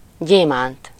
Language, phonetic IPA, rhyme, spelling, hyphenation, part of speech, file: Hungarian, [ˈɟeːmaːnt], -aːnt, gyémánt, gyé‧mánt, noun, Hu-gyémánt.ogg
- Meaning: diamond